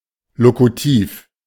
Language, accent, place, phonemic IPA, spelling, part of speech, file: German, Germany, Berlin, /ˈlokutiːf/, lokutiv, adjective, De-lokutiv.ogg
- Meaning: locutive